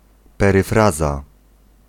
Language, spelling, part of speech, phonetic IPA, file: Polish, peryfraza, noun, [ˌpɛrɨˈfraza], Pl-peryfraza.ogg